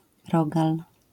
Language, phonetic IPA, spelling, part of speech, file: Polish, [ˈrɔɡal], rogal, noun, LL-Q809 (pol)-rogal.wav